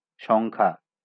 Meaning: number
- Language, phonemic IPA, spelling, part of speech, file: Bengali, /ʃoŋ.kʰa/, সংখ্যা, noun, LL-Q9610 (ben)-সংখ্যা.wav